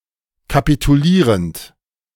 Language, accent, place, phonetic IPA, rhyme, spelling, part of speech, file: German, Germany, Berlin, [kapituˈliːʁənt], -iːʁənt, kapitulierend, verb, De-kapitulierend.ogg
- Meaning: present participle of kapitulieren